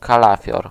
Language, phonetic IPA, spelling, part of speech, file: Polish, [kaˈlafʲjɔr], kalafior, noun, Pl-kalafior.ogg